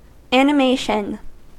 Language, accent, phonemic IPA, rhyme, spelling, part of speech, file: English, US, /ˌæn.ɪˈmeɪ.ʃən/, -eɪʃən, animation, noun, En-us-animation.ogg
- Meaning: The act of animating, or giving life or spirit